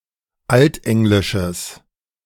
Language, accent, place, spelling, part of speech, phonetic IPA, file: German, Germany, Berlin, altenglisches, adjective, [ˈaltˌʔɛŋlɪʃəs], De-altenglisches.ogg
- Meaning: strong/mixed nominative/accusative neuter singular of altenglisch